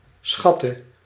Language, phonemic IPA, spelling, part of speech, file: Dutch, /ˈsxɑ.tə/, schatte, verb, Nl-schatte.ogg
- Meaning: inflection of schatten: 1. singular past indicative 2. singular past/present subjunctive